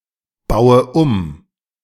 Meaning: inflection of umbauen: 1. first-person singular present 2. first/third-person singular subjunctive I 3. singular imperative
- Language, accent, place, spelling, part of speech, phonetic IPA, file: German, Germany, Berlin, baue um, verb, [ˌbaʊ̯ə ˈum], De-baue um.ogg